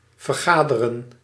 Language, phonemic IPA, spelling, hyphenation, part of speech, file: Dutch, /vərˈɣaː.də.rə(n)/, vergaderen, ver‧ga‧de‧ren, verb, Nl-vergaderen.ogg
- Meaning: to gather together, meet up, assemble